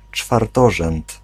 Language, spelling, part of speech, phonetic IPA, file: Polish, czwartorzęd, noun, [t͡ʃfarˈtɔʒɛ̃nt], Pl-czwartorzęd.ogg